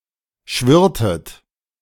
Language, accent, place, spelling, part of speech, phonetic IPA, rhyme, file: German, Germany, Berlin, schwirrtet, verb, [ˈʃvɪʁtət], -ɪʁtət, De-schwirrtet.ogg
- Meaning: inflection of schwirren: 1. second-person plural preterite 2. second-person plural subjunctive II